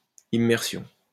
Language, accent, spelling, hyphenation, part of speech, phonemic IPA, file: French, France, immersion, im‧mer‧sion, noun, /i.mɛʁ.sjɔ̃/, LL-Q150 (fra)-immersion.wav
- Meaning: 1. immersion 2. language immersion